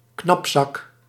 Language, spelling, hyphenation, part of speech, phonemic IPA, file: Dutch, knapzak, knap‧zak, noun, /ˈknɑp.sɑk/, Nl-knapzak.ogg
- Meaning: bindle or other food bag (traveler's food bag, often a piece cloth tied to a stick)